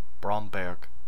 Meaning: 1. a municipality of Lower Austria, Austria 2. Bydgoszcz (a city in Kuyavian-Pomeranian Voivodeship, Poland)
- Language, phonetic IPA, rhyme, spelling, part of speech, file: German, [ˈbʁɔmbɛʁk], -ɔmbɛʁk, Bromberg, proper noun, De-Bromberg.ogg